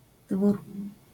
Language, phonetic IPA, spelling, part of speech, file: Polish, [dvur], dwór, noun, LL-Q809 (pol)-dwór.wav